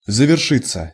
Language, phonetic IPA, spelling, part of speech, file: Russian, [zəvʲɪrˈʂɨt͡sːə], завершиться, verb, Ru-завершиться.ogg
- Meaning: 1. to end, to come to an end 2. passive of заверши́ть (zaveršítʹ)